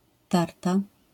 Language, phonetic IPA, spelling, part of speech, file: Polish, [ˈtarta], tarta, noun / adjective / verb, LL-Q809 (pol)-tarta.wav